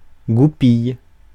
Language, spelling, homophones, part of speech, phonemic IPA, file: French, goupille, goupillent / goupilles, noun / verb, /ɡu.pij/, Fr-goupille.ogg
- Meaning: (noun) 1. pin 2. cotter pin 3. vixen, female fox; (verb) inflection of goupiller: 1. first/third-person singular present indicative/subjunctive 2. second-person singular imperative